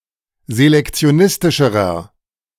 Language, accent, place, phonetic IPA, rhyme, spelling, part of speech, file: German, Germany, Berlin, [zelɛkt͡si̯oˈnɪstɪʃəʁɐ], -ɪstɪʃəʁɐ, selektionistischerer, adjective, De-selektionistischerer.ogg
- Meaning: inflection of selektionistisch: 1. strong/mixed nominative masculine singular comparative degree 2. strong genitive/dative feminine singular comparative degree